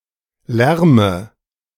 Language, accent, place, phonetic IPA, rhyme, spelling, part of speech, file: German, Germany, Berlin, [ˈlɛʁmə], -ɛʁmə, lärme, verb, De-lärme.ogg
- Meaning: inflection of lärmen: 1. first-person singular present 2. first/third-person singular subjunctive I 3. singular imperative